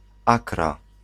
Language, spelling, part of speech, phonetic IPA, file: Polish, Akra, proper noun, [ˈakra], Pl-Akra.ogg